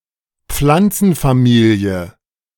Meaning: plant family
- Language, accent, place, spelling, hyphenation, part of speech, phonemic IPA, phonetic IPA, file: German, Germany, Berlin, Pflanzenfamilie, Pflan‧zen‧fa‧mi‧lie, noun, /ˈpflantsənfaˌmiːli̯ə/, [ˈp͡flant͡sn̩faˌmiːli̯ə], De-Pflanzenfamilie.ogg